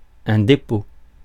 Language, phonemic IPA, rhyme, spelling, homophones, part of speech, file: French, /de.po/, -o, dépôt, dépôts, noun, Fr-dépôt.ogg
- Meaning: 1. warehouse, store, depot, depository 2. act of depositing, act of placing 3. deposit (object being deposited) 4. deposit 5. abscess, pus pocket 6. tabling 7. filing 8. registration, proposal